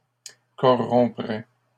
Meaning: third-person singular conditional of corrompre
- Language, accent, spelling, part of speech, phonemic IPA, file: French, Canada, corromprait, verb, /kɔ.ʁɔ̃.pʁɛ/, LL-Q150 (fra)-corromprait.wav